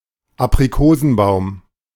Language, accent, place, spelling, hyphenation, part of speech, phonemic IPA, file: German, Germany, Berlin, Aprikosenbaum, Ap‧ri‧ko‧sen‧baum, noun, /apʁiˈkoːzn̩ˌbaʊ̯m/, De-Aprikosenbaum.ogg
- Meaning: apricot tree